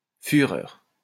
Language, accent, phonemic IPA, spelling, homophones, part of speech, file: French, France, /fy.ʁœʁ/, führer, fureur, noun, LL-Q150 (fra)-führer.wav
- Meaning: the Führer, the title of Adolf Hitler as ruler of Nazi Germany